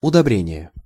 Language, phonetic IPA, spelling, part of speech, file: Russian, [ʊdɐˈbrʲenʲɪje], удобрение, noun, Ru-удобрение.ogg
- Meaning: 1. fertilization (the process of fertilizing) 2. fertilizer, manure